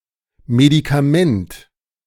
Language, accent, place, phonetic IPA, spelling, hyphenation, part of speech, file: German, Germany, Berlin, [medikaˈmɛnt], Medikament, Me‧di‧ka‧ment, noun, De-Medikament.ogg
- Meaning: drug, medicine